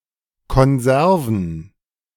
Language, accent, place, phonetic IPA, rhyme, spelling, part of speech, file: German, Germany, Berlin, [kɔnˈzɛʁvn̩], -ɛʁvn̩, Konserven, noun, De-Konserven.ogg
- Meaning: plural of Konserve